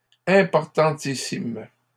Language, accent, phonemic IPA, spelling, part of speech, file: French, Canada, /ɛ̃.pɔʁ.tɑ̃.ti.sim/, importantissimes, adjective, LL-Q150 (fra)-importantissimes.wav
- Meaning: plural of importantissime